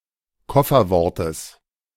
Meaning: genitive of Kofferwort
- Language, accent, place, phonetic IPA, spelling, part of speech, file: German, Germany, Berlin, [ˈkɔfɐˌvɔʁtəs], Kofferwortes, noun, De-Kofferwortes.ogg